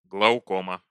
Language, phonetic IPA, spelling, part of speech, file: Russian, [ɡɫəʊˈkomə], глаукома, noun, Ru-глаукома.ogg
- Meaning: glaucoma